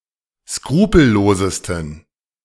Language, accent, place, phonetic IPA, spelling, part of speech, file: German, Germany, Berlin, [ˈskʁuːpl̩ˌloːzəstn̩], skrupellosesten, adjective, De-skrupellosesten.ogg
- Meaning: 1. superlative degree of skrupellos 2. inflection of skrupellos: strong genitive masculine/neuter singular superlative degree